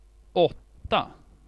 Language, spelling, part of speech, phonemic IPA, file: Swedish, åtta, numeral / noun, /²ɔtːa/, Sv-åtta.ogg
- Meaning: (numeral) eight; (noun) 1. eight; the digit "8" 2. eighth-grader; pupil in the eighth year of school 3. a class of eighth-graders 4. the eighth year in school